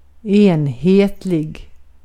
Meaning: uniform
- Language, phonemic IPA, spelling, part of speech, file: Swedish, /eːnˈheːtlɪɡ/, enhetlig, adjective, Sv-enhetlig.ogg